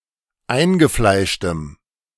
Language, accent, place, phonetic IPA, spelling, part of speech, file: German, Germany, Berlin, [ˈaɪ̯nɡəˌflaɪ̯ʃtəm], eingefleischtem, adjective, De-eingefleischtem.ogg
- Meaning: strong dative masculine/neuter singular of eingefleischt